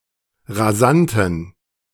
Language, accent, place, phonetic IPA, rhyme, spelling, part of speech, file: German, Germany, Berlin, [ʁaˈzantn̩], -antn̩, rasanten, adjective, De-rasanten.ogg
- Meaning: inflection of rasant: 1. strong genitive masculine/neuter singular 2. weak/mixed genitive/dative all-gender singular 3. strong/weak/mixed accusative masculine singular 4. strong dative plural